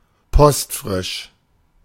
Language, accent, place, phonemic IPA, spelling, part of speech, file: German, Germany, Berlin, /ˈpɔstfʁɪʃ/, postfrisch, adjective, De-postfrisch.ogg
- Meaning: mint (unused stamp), in the condition as bought from a post office